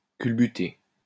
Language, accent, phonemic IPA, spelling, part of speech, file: French, France, /kyl.by.te/, culbuter, verb, LL-Q150 (fra)-culbuter.wav
- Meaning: 1. to take a tumble, fall over (of a person); to overturn (of vehicle) 2. to bang (have sex with someone)